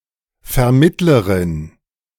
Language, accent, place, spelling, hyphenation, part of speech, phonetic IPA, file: German, Germany, Berlin, Vermittlerin, Ver‧mitt‧le‧rin, noun, [fɛɐ̯ˈmɪtləʁɪn], De-Vermittlerin.ogg
- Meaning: female equivalent of Vermittler